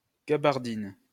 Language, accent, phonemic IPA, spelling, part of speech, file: French, France, /ɡa.baʁ.din/, gabardine, noun, LL-Q150 (fra)-gabardine.wav
- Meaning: 1. the woolen cloth gaberdine 2. a long coat with sleeves, notably a raincoat